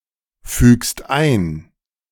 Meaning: second-person singular present of einfügen
- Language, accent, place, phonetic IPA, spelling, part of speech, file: German, Germany, Berlin, [ˌfyːkst ˈaɪ̯n], fügst ein, verb, De-fügst ein.ogg